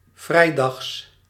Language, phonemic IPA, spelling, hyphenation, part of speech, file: Dutch, /ˈvrɛi̯.dɑxs/, vrijdags, vrij‧dags, adjective / adverb / noun, Nl-vrijdags.ogg
- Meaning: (adjective) Friday; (adverb) synonym of 's vrijdags; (noun) genitive singular of vrijdag